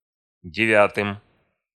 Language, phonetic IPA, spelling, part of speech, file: Russian, [dʲɪˈvʲatɨm], девятым, noun, Ru-девятым.ogg
- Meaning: dative plural of девя́тая (devjátaja)